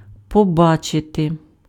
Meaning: to see
- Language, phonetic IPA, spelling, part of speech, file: Ukrainian, [pɔˈbat͡ʃete], побачити, verb, Uk-побачити.ogg